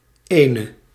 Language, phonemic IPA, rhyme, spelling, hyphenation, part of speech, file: Dutch, /ˈeː.nə/, -eːnə, ene, ene, pronoun / determiner / article / numeral, Nl-ene.ogg
- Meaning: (pronoun) one (contrasting with another); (determiner) 1. one, a certain (followed by a name, possibly with a title or honorific) 2. one, specific 3. one, single